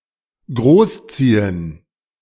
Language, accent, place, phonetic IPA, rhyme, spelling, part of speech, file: German, Germany, Berlin, [ˈɡʁoːsˌt͡siːən], -oːst͡siːən, großziehen, verb, De-großziehen.ogg
- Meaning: to raise (a child); to rear (an animal etc.)